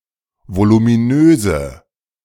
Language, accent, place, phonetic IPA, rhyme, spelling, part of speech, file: German, Germany, Berlin, [volumiˈnøːzə], -øːzə, voluminöse, adjective, De-voluminöse.ogg
- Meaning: inflection of voluminös: 1. strong/mixed nominative/accusative feminine singular 2. strong nominative/accusative plural 3. weak nominative all-gender singular